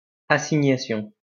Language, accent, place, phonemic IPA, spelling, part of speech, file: French, France, Lyon, /a.si.ɲa.sjɔ̃/, assignation, noun, LL-Q150 (fra)-assignation.wav
- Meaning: summons, subpoena